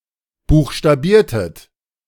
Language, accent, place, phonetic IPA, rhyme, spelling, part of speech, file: German, Germany, Berlin, [ˌbuːxʃtaˈbiːɐ̯tət], -iːɐ̯tət, buchstabiertet, verb, De-buchstabiertet.ogg
- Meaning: inflection of buchstabieren: 1. second-person plural preterite 2. second-person plural subjunctive II